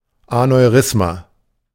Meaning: aneurysm
- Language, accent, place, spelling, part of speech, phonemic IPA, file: German, Germany, Berlin, Aneurysma, noun, /anɔɪ̯ˈʁʏsma/, De-Aneurysma.ogg